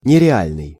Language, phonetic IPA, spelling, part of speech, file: Russian, [nʲɪrʲɪˈalʲnɨj], нереальный, adjective, Ru-нереальный.ogg
- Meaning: 1. unreal, unrealistic 2. exceptional 3. cool, awesome